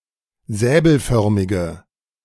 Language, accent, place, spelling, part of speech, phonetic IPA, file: German, Germany, Berlin, säbelförmige, adjective, [ˈzɛːbl̩ˌfœʁmɪɡə], De-säbelförmige.ogg
- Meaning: inflection of säbelförmig: 1. strong/mixed nominative/accusative feminine singular 2. strong nominative/accusative plural 3. weak nominative all-gender singular